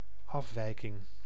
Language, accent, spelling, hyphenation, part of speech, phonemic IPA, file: Dutch, Netherlands, afwijking, af‧wij‧king, noun, /ˈɑfˌʋɛi̯.kɪŋ/, Nl-afwijking.ogg
- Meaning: 1. deviation 2. anomaly, abnormality